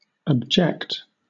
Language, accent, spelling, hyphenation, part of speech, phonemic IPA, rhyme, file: English, Southern England, abject, ab‧ject, verb, /æbˈd͡ʒɛkt/, -ɛkt, LL-Q1860 (eng)-abject.wav
- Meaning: To cast off or out (someone or something); to reject, especially as contemptible or inferior